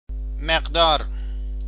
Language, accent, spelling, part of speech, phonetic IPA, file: Persian, Iran, مقدار, noun, [meʁ.d̪ɒ́ːɹ], Fa-مقدار.ogg
- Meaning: 1. amount, quantity 2. value (numerical quantity) 3. dose